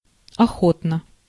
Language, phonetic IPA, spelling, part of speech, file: Russian, [ɐˈxotnə], охотно, adverb, Ru-охотно.ogg
- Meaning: with pleasure, willingly, readily, gladly